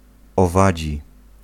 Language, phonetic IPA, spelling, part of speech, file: Polish, [ɔˈvad͡ʑi], owadzi, adjective, Pl-owadzi.ogg